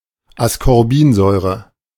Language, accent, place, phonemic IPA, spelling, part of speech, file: German, Germany, Berlin, /askɔʁˈbiːnˌzɔʏ̯ʁə/, Ascorbinsäure, noun, De-Ascorbinsäure.ogg
- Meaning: ascorbic acid (the white crystalline organic compound, C₆H₈O₆)